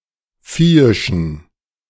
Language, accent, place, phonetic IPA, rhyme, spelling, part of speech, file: German, Germany, Berlin, [ˈfiːɪʃn̩], -iːɪʃn̩, viehischen, adjective, De-viehischen.ogg
- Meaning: inflection of viehisch: 1. strong genitive masculine/neuter singular 2. weak/mixed genitive/dative all-gender singular 3. strong/weak/mixed accusative masculine singular 4. strong dative plural